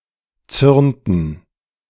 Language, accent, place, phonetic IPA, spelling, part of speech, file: German, Germany, Berlin, [ˈt͡sʏʁntn̩], zürnten, verb, De-zürnten.ogg
- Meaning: inflection of zürnen: 1. first/third-person plural preterite 2. first/third-person plural subjunctive II